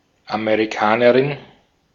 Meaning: 1. American (female), a girl or woman from the Americas (the American continent) 2. American (female), a girl or woman from America (the United States of America)
- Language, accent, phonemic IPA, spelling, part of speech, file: German, Austria, /ameʁiˈkaːnəʁɪn/, Amerikanerin, noun, De-at-Amerikanerin.ogg